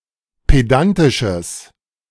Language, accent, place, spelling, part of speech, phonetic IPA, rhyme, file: German, Germany, Berlin, pedantisches, adjective, [ˌpeˈdantɪʃəs], -antɪʃəs, De-pedantisches.ogg
- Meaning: strong/mixed nominative/accusative neuter singular of pedantisch